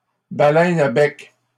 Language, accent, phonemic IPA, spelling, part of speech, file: French, Canada, /ba.lɛn a bɛk/, baleine à bec, noun, LL-Q150 (fra)-baleine à bec.wav
- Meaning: beaked whale